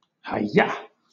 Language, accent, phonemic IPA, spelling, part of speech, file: English, Southern England, /haɪˈjɑː/, hi-yah, interjection, LL-Q1860 (eng)-hi-yah.wav
- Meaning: Accompanying an attacking move in (parodies of) Eastern martial arts such as karate